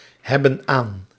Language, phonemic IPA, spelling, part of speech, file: Dutch, /ˈhɛbə(n) ˈan/, hebben aan, verb, Nl-hebben aan.ogg
- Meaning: inflection of aanhebben: 1. plural present indicative 2. plural present subjunctive